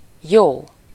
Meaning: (adjective) good (good for something (can be used for) -ra/-re, good at something -ban/-ben, good for someone (positively affects) -nak/-nek, good to someone [e.g. helping, caring] -hoz/-hez/-höz)
- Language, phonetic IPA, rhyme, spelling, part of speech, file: Hungarian, [ˈjoː], -joː, jó, adjective / noun / interjection / adverb, Hu-jó.ogg